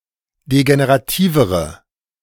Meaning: inflection of degenerativ: 1. strong/mixed nominative/accusative feminine singular comparative degree 2. strong nominative/accusative plural comparative degree
- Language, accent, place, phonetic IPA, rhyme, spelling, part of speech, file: German, Germany, Berlin, [deɡeneʁaˈtiːvəʁə], -iːvəʁə, degenerativere, adjective, De-degenerativere.ogg